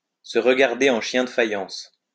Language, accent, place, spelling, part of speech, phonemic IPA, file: French, France, Lyon, se regarder en chiens de faïence, verb, /sə ʁ(ə).ɡaʁ.de ɑ̃ ʃjɛ̃ d(ə) fa.jɑ̃s/, LL-Q150 (fra)-se regarder en chiens de faïence.wav
- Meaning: to look daggers at each another, to glare at one another